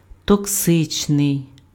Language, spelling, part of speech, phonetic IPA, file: Ukrainian, токсичний, adjective, [tɔkˈsɪt͡ʃnei̯], Uk-токсичний.ogg
- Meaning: toxic